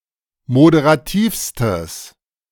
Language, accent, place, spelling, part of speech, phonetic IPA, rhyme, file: German, Germany, Berlin, moderativstes, adjective, [modeʁaˈtiːfstəs], -iːfstəs, De-moderativstes.ogg
- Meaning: strong/mixed nominative/accusative neuter singular superlative degree of moderativ